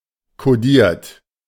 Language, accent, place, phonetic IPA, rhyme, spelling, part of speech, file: German, Germany, Berlin, [koˈdiːɐ̯t], -iːɐ̯t, kodiert, verb, De-kodiert.ogg
- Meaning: 1. past participle of kodieren 2. inflection of kodieren: second-person plural present 3. inflection of kodieren: third-person singular present 4. inflection of kodieren: plural imperative